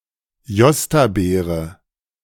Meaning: a jostaberry, a fruit made by crossing currants (Johannisbeere) and gooseberries (Stachelbeere) (Ribes × nidigrolaria)
- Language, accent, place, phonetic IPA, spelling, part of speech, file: German, Germany, Berlin, [ˈjɔstaˌbeːʁə], Jostabeere, noun, De-Jostabeere.ogg